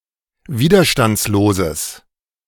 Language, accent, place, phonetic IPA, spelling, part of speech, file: German, Germany, Berlin, [ˈviːdɐʃtant͡sloːzəs], widerstandsloses, adjective, De-widerstandsloses.ogg
- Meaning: strong/mixed nominative/accusative neuter singular of widerstandslos